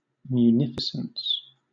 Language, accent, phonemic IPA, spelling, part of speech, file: English, Southern England, /mjuːˈnɪfɪsəns/, munificence, noun, LL-Q1860 (eng)-munificence.wav
- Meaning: 1. The quality of being munificent; generosity 2. Means of defence; fortification